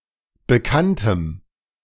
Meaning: dative singular of Bekannter
- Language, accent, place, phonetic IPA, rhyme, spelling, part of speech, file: German, Germany, Berlin, [bəˈkantəm], -antəm, Bekanntem, noun, De-Bekanntem.ogg